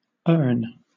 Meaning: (noun) 1. A vase with a footed base 2. A metal vessel for serving tea or coffee 3. A vessel for the ashes or cremains of a deceased person 4. Any place of burial; the grave
- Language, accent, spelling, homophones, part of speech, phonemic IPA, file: English, Southern England, urn, earn, noun / verb, /ɜːn/, LL-Q1860 (eng)-urn.wav